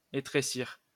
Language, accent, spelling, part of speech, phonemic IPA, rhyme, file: French, France, étrécir, verb, /e.tʁe.siʁ/, -iʁ, LL-Q150 (fra)-étrécir.wav
- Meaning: to make narrow